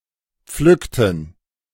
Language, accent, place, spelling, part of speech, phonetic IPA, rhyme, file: German, Germany, Berlin, pflückten, verb, [ˈp͡flʏktn̩], -ʏktn̩, De-pflückten.ogg
- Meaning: inflection of pflücken: 1. first/third-person plural preterite 2. first/third-person plural subjunctive II